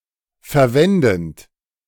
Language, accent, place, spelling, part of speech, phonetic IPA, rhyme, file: German, Germany, Berlin, verwendend, verb, [fɛɐ̯ˈvɛndn̩t], -ɛndn̩t, De-verwendend.ogg
- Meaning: present participle of verwenden